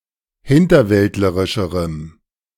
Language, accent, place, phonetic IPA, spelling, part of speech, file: German, Germany, Berlin, [ˈhɪntɐˌvɛltləʁɪʃəʁəm], hinterwäldlerischerem, adjective, De-hinterwäldlerischerem.ogg
- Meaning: strong dative masculine/neuter singular comparative degree of hinterwäldlerisch